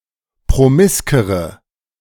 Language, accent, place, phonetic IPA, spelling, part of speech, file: German, Germany, Berlin, [pʁoˈmɪskəʁə], promiskere, adjective, De-promiskere.ogg
- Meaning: inflection of promisk: 1. strong/mixed nominative/accusative feminine singular comparative degree 2. strong nominative/accusative plural comparative degree